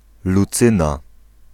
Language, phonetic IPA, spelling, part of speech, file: Polish, [luˈt͡sɨ̃na], Lucyna, proper noun, Pl-Lucyna.ogg